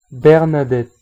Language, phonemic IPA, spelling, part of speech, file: French, /bɛʁ.na.dɛt/, Bernadette, proper noun, Fr-Bernadette.ogg
- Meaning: a female given name